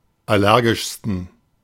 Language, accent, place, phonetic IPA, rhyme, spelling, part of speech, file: German, Germany, Berlin, [ˌaˈlɛʁɡɪʃstn̩], -ɛʁɡɪʃstn̩, allergischsten, adjective, De-allergischsten.ogg
- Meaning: 1. superlative degree of allergisch 2. inflection of allergisch: strong genitive masculine/neuter singular superlative degree